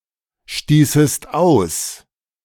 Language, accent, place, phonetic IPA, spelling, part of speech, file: German, Germany, Berlin, [ˌʃtiːsəst ˈaʊ̯s], stießest aus, verb, De-stießest aus.ogg
- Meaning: second-person singular subjunctive II of ausstoßen